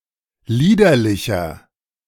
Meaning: 1. comparative degree of liederlich 2. inflection of liederlich: strong/mixed nominative masculine singular 3. inflection of liederlich: strong genitive/dative feminine singular
- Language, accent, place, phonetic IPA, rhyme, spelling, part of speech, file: German, Germany, Berlin, [ˈliːdɐlɪçɐ], -iːdɐlɪçɐ, liederlicher, adjective, De-liederlicher.ogg